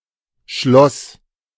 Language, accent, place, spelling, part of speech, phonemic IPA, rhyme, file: German, Germany, Berlin, Schloss, noun, /ʃlɔs/, -ɔs, De-Schloss.ogg
- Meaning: 1. lock, padlock (something used for fastening) 2. lock (firing mechanism) 3. castle (château, palace, not fortified)